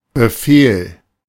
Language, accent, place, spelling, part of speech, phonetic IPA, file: German, Germany, Berlin, Befehl, noun, [bəˈfeːl], De-Befehl.ogg
- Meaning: 1. command, order 2. command